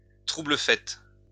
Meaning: spoilsport
- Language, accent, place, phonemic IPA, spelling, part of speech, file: French, France, Lyon, /tʁu.blə.fɛt/, trouble-fête, noun, LL-Q150 (fra)-trouble-fête.wav